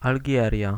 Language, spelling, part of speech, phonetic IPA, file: Polish, Algieria, proper noun, [alʲˈɟɛrʲja], Pl-Algieria.ogg